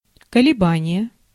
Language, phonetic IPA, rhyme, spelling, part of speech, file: Russian, [kəlʲɪˈbanʲɪje], -anʲɪje, колебание, noun, Ru-колебание.ogg
- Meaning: 1. oscillation, vibration 2. fluctuation, variation 3. hesitation, vacillation, wavering